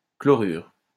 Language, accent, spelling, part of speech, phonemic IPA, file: French, France, chlorure, noun / verb, /klɔ.ʁyʁ/, LL-Q150 (fra)-chlorure.wav
- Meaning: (noun) chloride; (verb) inflection of chlorurer: 1. first/third-person singular present indicative/subjunctive 2. second-person singular imperative